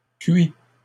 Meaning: inflection of cuire: 1. first/second-person singular present indicative 2. second-person singular imperative
- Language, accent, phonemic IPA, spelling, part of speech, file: French, Canada, /kɥi/, cuis, verb, LL-Q150 (fra)-cuis.wav